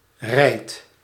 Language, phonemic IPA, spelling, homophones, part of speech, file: Dutch, /rɛi̯t/, rijd, rijdt, verb, Nl-rijd.ogg
- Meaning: inflection of rijden: 1. first-person singular present indicative 2. second-person singular present indicative 3. imperative